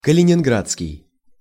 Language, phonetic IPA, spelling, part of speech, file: Russian, [kəlʲɪnʲɪnˈɡrat͡skʲɪj], калининградский, adjective, Ru-калининградский.ogg
- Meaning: Kaliningrad